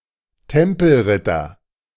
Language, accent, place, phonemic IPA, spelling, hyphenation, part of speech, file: German, Germany, Berlin, /ˈtɛmpl̩ˌʁɪtɐ/, Tempelritter, Tem‧pel‧rit‧ter, noun, De-Tempelritter.ogg
- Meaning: 1. Knight Templar 2. Knights Templar